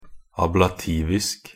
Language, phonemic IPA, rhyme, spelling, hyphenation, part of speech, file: Norwegian Bokmål, /ablaˈtiːʋɪsk/, -ɪsk, ablativisk, ab‧la‧tiv‧isk, adjective, Nb-ablativisk.ogg
- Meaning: of or pertaining to the ablative case (with the meaning of the case being removal, separation, or taking away)